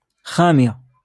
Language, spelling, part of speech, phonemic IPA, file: Moroccan Arabic, خامية, noun, /xaː.mij.ja/, LL-Q56426 (ary)-خامية.wav
- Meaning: curtain